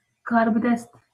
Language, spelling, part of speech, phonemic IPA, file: Northern Kurdish, karbidest, noun, /kɑːɾbɪˈdɛst/, LL-Q36368 (kur)-karbidest.wav
- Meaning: authority, government official